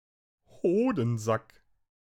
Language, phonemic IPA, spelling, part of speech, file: German, /ˈhoːdn̩zak/, Hodensack, noun, De-Hodensack.ogg
- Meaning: scrotum